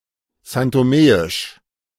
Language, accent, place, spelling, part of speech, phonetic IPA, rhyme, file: German, Germany, Berlin, santomeisch, adjective, [zantoˈmeːɪʃ], -eːɪʃ, De-santomeisch.ogg
- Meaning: of São Tomé and Príncipe; São Toméan